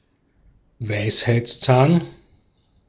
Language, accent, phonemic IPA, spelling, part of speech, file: German, Austria, /ˈvaɪ̯shaɪ̯tsˌt͡saːn/, Weisheitszahn, noun, De-at-Weisheitszahn.ogg
- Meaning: wisdom tooth (rearmost molar in humans)